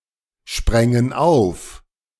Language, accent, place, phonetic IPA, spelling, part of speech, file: German, Germany, Berlin, [ˌʃpʁɛŋən ˈaʊ̯f], sprängen auf, verb, De-sprängen auf.ogg
- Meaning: first/third-person plural subjunctive II of aufspringen